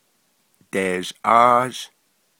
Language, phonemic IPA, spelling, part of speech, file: Navajo, /tèːʒʔɑ́ːʒ/, deezhʼáázh, verb, Nv-deezhʼáázh.ogg
- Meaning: third-person duoplural perfective of dighááh